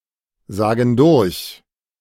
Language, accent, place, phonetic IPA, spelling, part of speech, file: German, Germany, Berlin, [ˌzaːɡn̩ ˈdʊʁç], sagen durch, verb, De-sagen durch.ogg
- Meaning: inflection of durchsagen: 1. first/third-person plural present 2. first/third-person plural subjunctive I